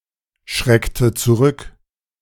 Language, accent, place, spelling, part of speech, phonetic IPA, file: German, Germany, Berlin, schreckte zurück, verb, [ˌʃʁɛktə t͡suˈʁʏk], De-schreckte zurück.ogg
- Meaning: inflection of zurückschrecken: 1. first/third-person singular preterite 2. first/third-person singular subjunctive II